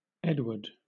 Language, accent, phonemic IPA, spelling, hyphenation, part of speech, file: English, Southern England, /ˈɛdwəd/, Edward, Ed‧ward, proper noun / noun, LL-Q1860 (eng)-Edward.wav
- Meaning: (proper noun) 1. A male given name from Old English 2. A surname. See also Edwards; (noun) A gold coin produced in the reign of King Edward